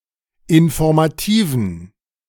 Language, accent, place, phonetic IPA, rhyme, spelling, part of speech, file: German, Germany, Berlin, [ɪnfɔʁmaˈtiːvn̩], -iːvn̩, informativen, adjective, De-informativen.ogg
- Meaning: inflection of informativ: 1. strong genitive masculine/neuter singular 2. weak/mixed genitive/dative all-gender singular 3. strong/weak/mixed accusative masculine singular 4. strong dative plural